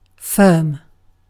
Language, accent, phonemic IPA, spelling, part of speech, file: English, UK, /fɜːm/, firm, noun / adjective / adverb / verb, En-uk-firm.ogg
- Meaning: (noun) 1. A business partnership; the name under which it trades 2. A business enterprise, however organized 3. A criminal gang, especially based around football hooliganism